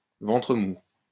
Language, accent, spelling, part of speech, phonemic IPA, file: French, France, ventre mou, noun, /vɑ̃.tʁə mu/, LL-Q150 (fra)-ventre mou.wav
- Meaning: weakness, weak spot, soft underbelly